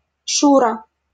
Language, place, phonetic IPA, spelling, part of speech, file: Russian, Saint Petersburg, [ˈʂurə], Шура, proper noun, LL-Q7737 (rus)-Шура.wav
- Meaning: 1. a diminutive, Shura, of the male given name Алекса́ндр (Aleksándr), equivalent to English Alex 2. a diminutive, Shura, of the female given name Алекса́ндра (Aleksándra), equivalent to English Alex